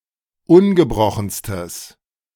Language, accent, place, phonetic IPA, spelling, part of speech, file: German, Germany, Berlin, [ˈʊnɡəˌbʁɔxn̩stəs], ungebrochenstes, adjective, De-ungebrochenstes.ogg
- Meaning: strong/mixed nominative/accusative neuter singular superlative degree of ungebrochen